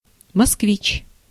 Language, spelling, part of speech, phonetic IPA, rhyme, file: Russian, москвич, noun, [mɐskˈvʲit͡ɕ], -it͡ɕ, Ru-москвич.ogg
- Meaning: 1. Muscovite (resident of Moscow) 2. Moskvich (a common private passenger car)